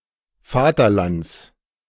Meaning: genitive singular of Vaterland
- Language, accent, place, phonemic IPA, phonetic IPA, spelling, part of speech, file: German, Germany, Berlin, /ˈfaːtɐˌlants/, [ˈfaːtʰɐˌlants], Vaterlands, noun, De-Vaterlands.ogg